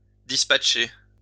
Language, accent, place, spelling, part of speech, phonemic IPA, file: French, France, Lyon, dispatcher, verb, /dis.pat.ʃe/, LL-Q150 (fra)-dispatcher.wav
- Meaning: to dispatch